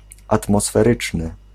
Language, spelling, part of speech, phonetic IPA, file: Polish, atmosferyczny, adjective, [ˌatmɔsfɛˈrɨt͡ʃnɨ], Pl-atmosferyczny.ogg